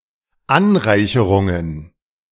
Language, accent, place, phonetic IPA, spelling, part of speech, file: German, Germany, Berlin, [ˈanˌʁaɪ̯çəʁʊŋən], Anreicherungen, noun, De-Anreicherungen.ogg
- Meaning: plural of Anreicherung